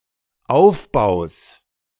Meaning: genitive singular of Aufbau
- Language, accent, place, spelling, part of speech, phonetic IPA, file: German, Germany, Berlin, Aufbaus, noun, [ˈaʊ̯fˌbaʊ̯s], De-Aufbaus.ogg